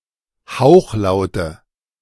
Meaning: nominative/accusative/genitive plural of Hauchlaut
- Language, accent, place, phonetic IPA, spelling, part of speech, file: German, Germany, Berlin, [ˈhaʊ̯xˌlaʊ̯tə], Hauchlaute, noun, De-Hauchlaute.ogg